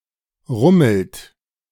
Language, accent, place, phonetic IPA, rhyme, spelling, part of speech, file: German, Germany, Berlin, [ˈʁʊml̩t], -ʊml̩t, rummelt, verb, De-rummelt.ogg
- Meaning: inflection of rummeln: 1. third-person singular present 2. second-person plural present 3. plural imperative